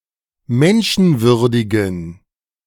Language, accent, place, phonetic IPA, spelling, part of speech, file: German, Germany, Berlin, [ˈmɛnʃn̩ˌvʏʁdɪɡn̩], menschenwürdigen, adjective, De-menschenwürdigen.ogg
- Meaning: inflection of menschenwürdig: 1. strong genitive masculine/neuter singular 2. weak/mixed genitive/dative all-gender singular 3. strong/weak/mixed accusative masculine singular 4. strong dative plural